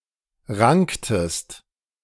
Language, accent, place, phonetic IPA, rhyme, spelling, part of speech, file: German, Germany, Berlin, [ˈʁaŋktəst], -aŋktəst, ranktest, verb, De-ranktest.ogg
- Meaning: inflection of ranken: 1. second-person singular preterite 2. second-person singular subjunctive II